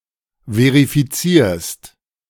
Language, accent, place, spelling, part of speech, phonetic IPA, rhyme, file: German, Germany, Berlin, verifizierst, verb, [ˌveʁifiˈt͡siːɐ̯st], -iːɐ̯st, De-verifizierst.ogg
- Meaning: second-person singular present of verifizieren